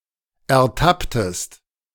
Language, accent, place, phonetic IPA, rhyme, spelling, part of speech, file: German, Germany, Berlin, [ɛɐ̯ˈtaptəst], -aptəst, ertapptest, verb, De-ertapptest.ogg
- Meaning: inflection of ertappen: 1. second-person singular preterite 2. second-person singular subjunctive II